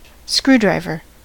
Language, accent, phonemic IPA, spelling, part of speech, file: English, US, /ˈskɹuˌdɹaɪvɚ/, screwdriver, noun, En-us-screwdriver.ogg
- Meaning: 1. A hand tool or power tool which engages with the head of a screw and allows torque to be applied to turn the screw, thus driving it in or loosening it 2. A cocktail made of vodka and orange juice